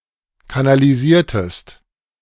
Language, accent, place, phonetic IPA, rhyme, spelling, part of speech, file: German, Germany, Berlin, [kanaliˈziːɐ̯təst], -iːɐ̯təst, kanalisiertest, verb, De-kanalisiertest.ogg
- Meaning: inflection of kanalisieren: 1. second-person singular preterite 2. second-person singular subjunctive II